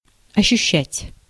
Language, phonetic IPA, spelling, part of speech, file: Russian, [ɐɕːʉˈɕːætʲ], ощущать, verb, Ru-ощущать.ogg
- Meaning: to feel, to sense, to perceive, to appreciate (to be aware of)